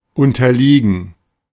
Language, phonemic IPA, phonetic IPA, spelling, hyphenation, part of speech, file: German, /ˌʊntɐˈliːɡən/, [ˌʊntɐˈliːɡn̩], unterliegen, un‧ter‧lie‧gen, verb, De-unterliegen.ogg
- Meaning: 1. to be defeated [with dative ‘by’] 2. to be subject to, to be influenced [with dative ‘by’]